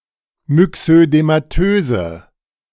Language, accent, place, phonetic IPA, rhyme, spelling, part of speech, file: German, Germany, Berlin, [mʏksødemaˈtøːzə], -øːzə, myxödematöse, adjective, De-myxödematöse.ogg
- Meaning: inflection of myxödematös: 1. strong/mixed nominative/accusative feminine singular 2. strong nominative/accusative plural 3. weak nominative all-gender singular